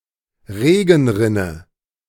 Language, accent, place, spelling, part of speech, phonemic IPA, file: German, Germany, Berlin, Regenrinne, noun, /ˈʁeːɡŋ̍ˌʁɪnə/, De-Regenrinne.ogg
- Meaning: 1. gutter; eavestrough (channel under the edge of a roof) 2. drainpipe (pipe that connects the gutter with the ground)